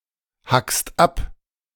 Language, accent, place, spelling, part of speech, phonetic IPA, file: German, Germany, Berlin, hackst ab, verb, [ˌhakst ˈap], De-hackst ab.ogg
- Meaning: second-person singular present of abhacken